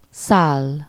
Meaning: 1. to fly, soar (optionally with locative suffixes) 2. to fly, to pass 3. to settle on/onto/at someone or something (used with lative suffixes)
- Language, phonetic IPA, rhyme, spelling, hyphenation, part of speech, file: Hungarian, [ˈsaːlː], -aːlː, száll, száll, verb, Hu-száll.ogg